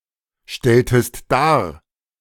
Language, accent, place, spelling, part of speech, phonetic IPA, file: German, Germany, Berlin, stelltest dar, verb, [ˌʃtɛltəst ˈdaːɐ̯], De-stelltest dar.ogg
- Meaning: inflection of darstellen: 1. second-person singular preterite 2. second-person singular subjunctive II